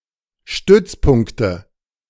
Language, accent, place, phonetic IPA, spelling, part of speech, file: German, Germany, Berlin, [ˈʃtʏt͡sˌpʊŋktə], Stützpunkte, noun, De-Stützpunkte.ogg
- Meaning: nominative/accusative/genitive plural of Stützpunkt